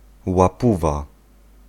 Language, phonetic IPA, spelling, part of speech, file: Polish, [waˈpuva], łapówa, noun, Pl-łapówa.ogg